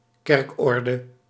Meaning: a church constitution, a church order
- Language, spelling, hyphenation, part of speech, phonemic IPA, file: Dutch, kerkorde, kerk‧or‧de, noun, /ˈkɛrkˌɔr.də/, Nl-kerkorde.ogg